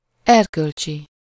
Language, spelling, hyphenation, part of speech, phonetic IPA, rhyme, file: Hungarian, erkölcsi, er‧köl‧csi, adjective, [ˈɛrkølt͡ʃi], -t͡ʃi, Hu-erkölcsi.ogg
- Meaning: moral, ethical